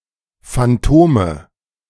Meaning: nominative/accusative/genitive plural of Phantom
- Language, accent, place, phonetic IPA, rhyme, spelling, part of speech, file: German, Germany, Berlin, [fanˈtoːmə], -oːmə, Phantome, noun, De-Phantome.ogg